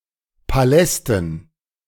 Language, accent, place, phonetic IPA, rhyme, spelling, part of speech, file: German, Germany, Berlin, [paˈlɛstn̩], -ɛstn̩, Palästen, noun, De-Palästen.ogg
- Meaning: dative plural of Palast